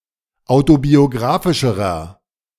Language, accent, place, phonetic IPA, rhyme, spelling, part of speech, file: German, Germany, Berlin, [ˌaʊ̯tobioˈɡʁaːfɪʃəʁɐ], -aːfɪʃəʁɐ, autobiografischerer, adjective, De-autobiografischerer.ogg
- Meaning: inflection of autobiografisch: 1. strong/mixed nominative masculine singular comparative degree 2. strong genitive/dative feminine singular comparative degree